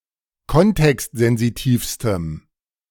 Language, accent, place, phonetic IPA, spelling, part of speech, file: German, Germany, Berlin, [ˈkɔntɛkstzɛnziˌtiːfstəm], kontextsensitivstem, adjective, De-kontextsensitivstem.ogg
- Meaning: strong dative masculine/neuter singular superlative degree of kontextsensitiv